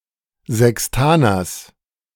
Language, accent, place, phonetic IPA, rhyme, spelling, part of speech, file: German, Germany, Berlin, [ˌzɛksˈtaːnɐs], -aːnɐs, Sextaners, noun, De-Sextaners.ogg
- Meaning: genitive singular of Sextaner